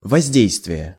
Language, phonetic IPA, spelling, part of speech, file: Russian, [vɐzʲˈdʲejstvʲɪje], воздействие, noun, Ru-воздействие.ogg
- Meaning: 1. effect, influence (upon, on, over) 2. impact